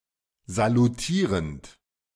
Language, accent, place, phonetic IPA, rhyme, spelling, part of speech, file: German, Germany, Berlin, [zaluˈtiːʁənt], -iːʁənt, salutierend, verb, De-salutierend.ogg
- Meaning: present participle of salutieren